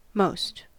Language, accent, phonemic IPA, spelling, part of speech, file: English, US, /ˈmoʊst/, most, determiner / adverb / adjective / pronoun / noun, En-us-most.ogg
- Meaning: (determiner) 1. superlative degree of much 2. superlative degree of many: the comparatively largest number of (construed with the definite article)